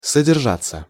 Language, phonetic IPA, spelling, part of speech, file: Russian, [sədʲɪrˈʐat͡sːə], содержаться, verb, Ru-содержаться.ogg
- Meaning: 1. to contain, to hold 2. passive of содержа́ть (soderžátʹ)